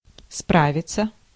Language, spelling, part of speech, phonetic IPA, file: Russian, справиться, verb, [ˈspravʲɪt͡sə], Ru-справиться.ogg
- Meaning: 1. to cope (with), to deal (with), to handle, to manage, to overcome 2. to enquire/inquire (after, about), to ask (about), to look up, to consult 3. to reference, to compare, to check